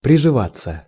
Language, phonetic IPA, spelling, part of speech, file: Russian, [prʲɪʐɨˈvat͡sːə], приживаться, verb, Ru-приживаться.ogg
- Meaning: 1. to get accustomed (to a place), to get acclimated/acclimatized 2. to take root, to strike root